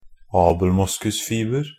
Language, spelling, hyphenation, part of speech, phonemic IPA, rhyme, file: Norwegian Bokmål, abelmoskusfiber, ab‧el‧mos‧kus‧fi‧ber, noun, /ɑːbl̩ˈmʊskʉsfiːbər/, -ər, NB - Pronunciation of Norwegian Bokmål «abelmoskusfiber».ogg
- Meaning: abelmosk fiber (fiber of abelmosk used in textile manufacturing)